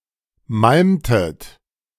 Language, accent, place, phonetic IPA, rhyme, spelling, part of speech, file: German, Germany, Berlin, [ˈmalmtət], -almtət, malmtet, verb, De-malmtet.ogg
- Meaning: inflection of malmen: 1. second-person plural preterite 2. second-person plural subjunctive II